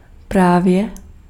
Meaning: 1. just, exactly 2. just now
- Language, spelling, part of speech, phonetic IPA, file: Czech, právě, adverb, [ˈpraːvjɛ], Cs-právě.ogg